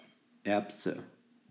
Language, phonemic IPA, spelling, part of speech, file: German, /ˈɛrpsə/, Erbse, noun, De-Erbse.ogg
- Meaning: pea